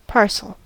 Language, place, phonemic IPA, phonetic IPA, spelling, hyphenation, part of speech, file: English, California, /ˈpɑɹsəl/, [ˈpʰɑɹ.səɫ], parcel, par‧cel, noun / verb / adverb, En-us-parcel.ogg
- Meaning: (noun) 1. A package wrapped, as for shipment or transport 2. An individual consignment of cargo for shipment, regardless of size and form